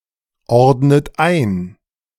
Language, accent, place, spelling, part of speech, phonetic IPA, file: German, Germany, Berlin, ordnet ein, verb, [ˌɔʁdnət ˈaɪ̯n], De-ordnet ein.ogg
- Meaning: inflection of einordnen: 1. second-person plural present 2. second-person plural subjunctive I 3. third-person singular present 4. plural imperative